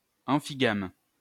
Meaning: amphigamous
- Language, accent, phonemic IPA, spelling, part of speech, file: French, France, /ɑ̃.fi.ɡam/, amphigame, adjective, LL-Q150 (fra)-amphigame.wav